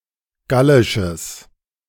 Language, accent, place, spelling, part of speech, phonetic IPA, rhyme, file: German, Germany, Berlin, gallisches, adjective, [ˈɡalɪʃəs], -alɪʃəs, De-gallisches.ogg
- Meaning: strong/mixed nominative/accusative neuter singular of gallisch